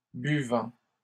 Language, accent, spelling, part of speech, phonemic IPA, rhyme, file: French, Canada, buvant, verb / adjective, /by.vɑ̃/, -ɑ̃, LL-Q150 (fra)-buvant.wav
- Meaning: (verb) present participle of boire; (adjective) drinking